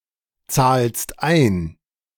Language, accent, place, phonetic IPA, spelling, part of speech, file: German, Germany, Berlin, [ˌt͡saːlst ˈaɪ̯n], zahlst ein, verb, De-zahlst ein.ogg
- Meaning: second-person singular present of einzahlen